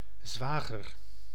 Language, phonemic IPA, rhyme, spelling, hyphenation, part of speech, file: Dutch, /ˈzʋaː.ɣər/, -aːɣər, zwager, zwa‧ger, noun, Nl-zwager.ogg
- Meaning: brother-in-law (brother of one's spouse or husband of one's sibling)